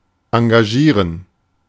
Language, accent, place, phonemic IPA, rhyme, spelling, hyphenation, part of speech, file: German, Germany, Berlin, /ãɡaˈʒiːʁən/, -iːʁən, engagieren, en‧ga‧gie‧ren, verb, De-engagieren.ogg
- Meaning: 1. to engage (to hire an artist) 2. to get involved, to be involved